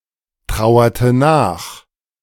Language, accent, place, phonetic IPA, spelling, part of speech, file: German, Germany, Berlin, [ˌtʁaʊ̯ɐtə ˈnaːx], trauerte nach, verb, De-trauerte nach.ogg
- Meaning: inflection of nachtrauern: 1. first/third-person singular preterite 2. first/third-person singular subjunctive II